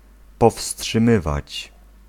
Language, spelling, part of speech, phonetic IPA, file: Polish, powstrzymywać, verb, [ˌpɔfsṭʃɨ̃ˈmɨvat͡ɕ], Pl-powstrzymywać.ogg